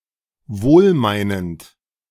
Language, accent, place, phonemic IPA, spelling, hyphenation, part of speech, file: German, Germany, Berlin, /ˈvoːlˌmaɪ̯nənt/, wohlmeinend, wohl‧mei‧nend, adjective, De-wohlmeinend.ogg
- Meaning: well-meaning